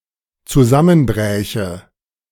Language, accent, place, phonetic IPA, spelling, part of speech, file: German, Germany, Berlin, [t͡suˈzamənˌbʁɛːçə], zusammenbräche, verb, De-zusammenbräche.ogg
- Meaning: first/third-person singular dependent subjunctive II of zusammenbrechen